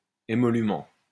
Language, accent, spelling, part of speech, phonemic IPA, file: French, France, émolument, noun, /e.mɔ.ly.mɑ̃/, LL-Q150 (fra)-émolument.wav
- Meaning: 1. remuneration 2. fee, emolument